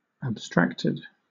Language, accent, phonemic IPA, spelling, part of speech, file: English, Southern England, /əbˈstɹæk.tɪd/, abstracted, adjective / verb, LL-Q1860 (eng)-abstracted.wav
- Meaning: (adjective) 1. Separated or disconnected; withdrawn; removed; apart 2. Separated from matter; abstract; ideal, not concrete 3. Abstract; abstruse; difficult